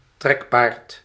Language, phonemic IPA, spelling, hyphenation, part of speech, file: Dutch, /ˈtrɛk.paːrt/, trekpaard, trek‧paard, noun, Nl-trekpaard.ogg
- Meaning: draft horse (US)/draught horse (UK)